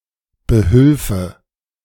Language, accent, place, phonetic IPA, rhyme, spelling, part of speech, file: German, Germany, Berlin, [bəˈhʏlfə], -ʏlfə, behülfe, verb, De-behülfe.ogg
- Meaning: first/third-person singular subjunctive II of behelfen